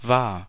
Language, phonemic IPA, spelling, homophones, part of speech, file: German, /vaːr/, wahr, war, adjective, De-wahr.ogg
- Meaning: 1. true, real 2. true, truthful